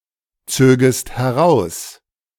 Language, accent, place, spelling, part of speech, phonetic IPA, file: German, Germany, Berlin, zögest heraus, verb, [ˌt͡søːɡəst hɛˈʁaʊ̯s], De-zögest heraus.ogg
- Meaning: second-person singular subjunctive II of herausziehen